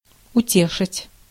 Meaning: to console, to comfort
- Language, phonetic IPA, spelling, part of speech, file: Russian, [ʊˈtʲeʂɨtʲ], утешить, verb, Ru-утешить.ogg